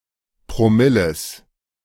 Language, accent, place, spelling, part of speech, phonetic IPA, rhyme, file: German, Germany, Berlin, Promilles, noun, [pʁoˈmɪləs], -ɪləs, De-Promilles.ogg
- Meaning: genitive singular of Promille